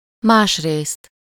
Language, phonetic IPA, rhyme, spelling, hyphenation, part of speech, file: Hungarian, [ˈmaːʃreːst], -eːst, másrészt, más‧részt, adverb, Hu-másrészt.ogg
- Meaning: on the other hand